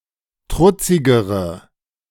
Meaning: inflection of trutzig: 1. strong/mixed nominative/accusative feminine singular comparative degree 2. strong nominative/accusative plural comparative degree
- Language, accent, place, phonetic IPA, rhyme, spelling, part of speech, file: German, Germany, Berlin, [ˈtʁʊt͡sɪɡəʁə], -ʊt͡sɪɡəʁə, trutzigere, adjective, De-trutzigere.ogg